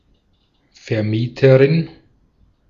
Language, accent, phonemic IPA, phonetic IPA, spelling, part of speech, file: German, Austria, /fɛʁˈmiːtəʁɪn/, [fɛɐ̯ˈmiːtʰɐʁɪn], Vermieterin, noun, De-at-Vermieterin.ogg
- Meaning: 1. company that rents something 2. female equivalent of Vermieter: female person (landlady) that rents something